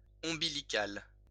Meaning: umbilical
- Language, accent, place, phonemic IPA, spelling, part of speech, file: French, France, Lyon, /ɔ̃.bi.li.kal/, ombilical, adjective, LL-Q150 (fra)-ombilical.wav